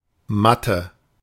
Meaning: 1. mat 2. meadow
- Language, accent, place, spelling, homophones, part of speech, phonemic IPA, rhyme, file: German, Germany, Berlin, Matte, Mathe, noun, /ˈmatə/, -atə, De-Matte.ogg